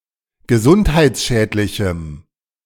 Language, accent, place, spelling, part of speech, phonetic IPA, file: German, Germany, Berlin, gesundheitsschädlichem, adjective, [ɡəˈzʊnthaɪ̯t͡sˌʃɛːtlɪçm̩], De-gesundheitsschädlichem.ogg
- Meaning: strong dative masculine/neuter singular of gesundheitsschädlich